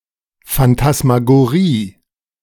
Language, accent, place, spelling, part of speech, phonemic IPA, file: German, Germany, Berlin, Phantasmagorie, noun, /fanˌtasmaɡoˈʁiː/, De-Phantasmagorie.ogg
- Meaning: phantasmagoria (a dreamlike state)